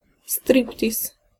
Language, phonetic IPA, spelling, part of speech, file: Polish, [ˈstrʲiptʲis], striptiz, noun, Pl-striptiz.ogg